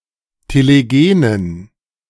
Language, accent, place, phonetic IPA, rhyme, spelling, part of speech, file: German, Germany, Berlin, [teleˈɡeːnən], -eːnən, telegenen, adjective, De-telegenen.ogg
- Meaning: inflection of telegen: 1. strong genitive masculine/neuter singular 2. weak/mixed genitive/dative all-gender singular 3. strong/weak/mixed accusative masculine singular 4. strong dative plural